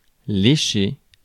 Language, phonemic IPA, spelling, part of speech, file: French, /le.ʃe/, lécher, verb, Fr-lécher.ogg
- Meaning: 1. to lick 2. to polish, to refine (one's work)